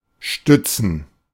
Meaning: 1. to support, to underpin (to keep from falling) 2. (with preposition auf) to use something or someone for support 3. to corroborate, to abet 4. to rest, to lean
- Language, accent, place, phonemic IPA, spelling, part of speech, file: German, Germany, Berlin, /ˈʃtʏtsən/, stützen, verb, De-stützen.ogg